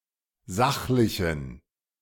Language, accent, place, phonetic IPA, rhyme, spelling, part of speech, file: German, Germany, Berlin, [ˈzaxlɪçn̩], -axlɪçn̩, sachlichen, adjective, De-sachlichen.ogg
- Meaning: inflection of sachlich: 1. strong genitive masculine/neuter singular 2. weak/mixed genitive/dative all-gender singular 3. strong/weak/mixed accusative masculine singular 4. strong dative plural